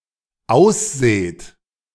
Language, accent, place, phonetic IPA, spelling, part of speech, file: German, Germany, Berlin, [ˈaʊ̯sˌz̥eːt], ausseht, verb, De-ausseht.ogg
- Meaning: second-person plural dependent present of aussehen